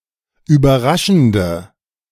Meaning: inflection of überraschend: 1. strong/mixed nominative/accusative feminine singular 2. strong nominative/accusative plural 3. weak nominative all-gender singular
- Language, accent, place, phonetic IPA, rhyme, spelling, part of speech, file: German, Germany, Berlin, [yːbɐˈʁaʃn̩də], -aʃn̩də, überraschende, adjective, De-überraschende.ogg